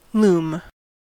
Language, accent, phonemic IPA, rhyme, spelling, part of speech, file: English, US, /lum/, -uːm, loom, noun / verb, En-us-loom.ogg
- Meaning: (noun) A utensil; tool; a weapon; (usually in compound) an article in general